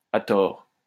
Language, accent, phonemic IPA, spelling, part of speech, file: French, France, /a tɔʁ/, à tort, adverb, LL-Q150 (fra)-à tort.wav
- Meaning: wrongfully, unjustly; wrongly, mistakenly